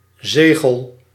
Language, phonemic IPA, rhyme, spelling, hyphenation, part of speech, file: Dutch, /ˈzeː.ɣəl/, -eːɣəl, zegel, ze‧gel, noun / verb, Nl-zegel.ogg
- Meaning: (noun) 1. n a seal (object, design or pattern for solid imprinting) 2. m a stamp; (verb) inflection of zegelen: 1. first-person singular present indicative 2. second-person singular present indicative